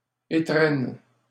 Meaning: 1. the first sale of the day made by a shopkeeper, merchant etc 2. the first time something is used/worn/done 3. New Year's gift; Christmas present (especially when talking to a child)
- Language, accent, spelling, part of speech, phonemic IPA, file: French, Canada, étrenne, noun, /e.tʁɛn/, LL-Q150 (fra)-étrenne.wav